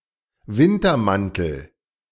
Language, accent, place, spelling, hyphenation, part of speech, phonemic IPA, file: German, Germany, Berlin, Wintermantel, Win‧ter‧man‧tel, noun, /ˈvɪntɐˌmantəl/, De-Wintermantel.ogg
- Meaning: winter coat